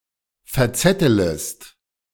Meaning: second-person singular subjunctive I of verzetteln
- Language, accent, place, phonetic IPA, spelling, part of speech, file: German, Germany, Berlin, [fɛɐ̯ˈt͡sɛtələst], verzettelest, verb, De-verzettelest.ogg